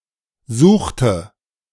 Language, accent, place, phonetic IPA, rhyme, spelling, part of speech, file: German, Germany, Berlin, [ˈzuːxtə], -uːxtə, suchte, verb, De-suchte.ogg
- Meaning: inflection of suchen: 1. first/third-person singular preterite 2. first/third-person singular subjunctive II